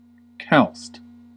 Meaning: Synonym of shod, wearing shoes, particularly (Christianity) religious orders that do not eschew normal footwear
- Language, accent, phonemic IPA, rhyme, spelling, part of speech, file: English, US, /kælst/, -ælst, calced, adjective, En-us-calced.ogg